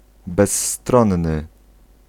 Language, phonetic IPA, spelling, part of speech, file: Polish, [bɛsˈːtrɔ̃nːɨ], bezstronny, adjective, Pl-bezstronny.ogg